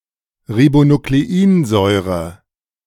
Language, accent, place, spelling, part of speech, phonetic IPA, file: German, Germany, Berlin, Ribonukleinsäure, noun, [ʁibonukleˈiːnzɔɪ̯ʁə], De-Ribonukleinsäure.ogg
- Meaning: ribonucleic acid